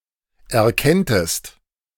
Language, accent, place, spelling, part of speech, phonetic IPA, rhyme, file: German, Germany, Berlin, erkenntest, verb, [ɛɐ̯ˈkɛntəst], -ɛntəst, De-erkenntest.ogg
- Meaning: second-person singular subjunctive II of erkennen